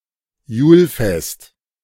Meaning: Yule, Yulefest
- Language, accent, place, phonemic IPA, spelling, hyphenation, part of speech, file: German, Germany, Berlin, /ˈjuːlˌfɛst/, Julfest, Jul‧fest, noun, De-Julfest.ogg